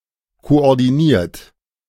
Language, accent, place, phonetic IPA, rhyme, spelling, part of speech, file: German, Germany, Berlin, [koʔɔʁdiˈniːɐ̯t], -iːɐ̯t, koordiniert, verb, De-koordiniert.ogg
- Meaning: 1. past participle of koordinieren 2. inflection of koordinieren: third-person singular present 3. inflection of koordinieren: second-person plural present